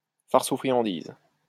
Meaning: trick or treat
- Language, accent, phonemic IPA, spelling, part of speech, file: French, France, /faʁs u fʁi.jɑ̃.diz/, farce ou friandise, interjection, LL-Q150 (fra)-farce ou friandise.wav